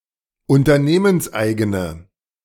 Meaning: inflection of unternehmenseigen: 1. strong/mixed nominative/accusative feminine singular 2. strong nominative/accusative plural 3. weak nominative all-gender singular
- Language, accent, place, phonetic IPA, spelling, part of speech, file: German, Germany, Berlin, [ʊntɐˈneːmənsˌʔaɪ̯ɡənə], unternehmenseigene, adjective, De-unternehmenseigene.ogg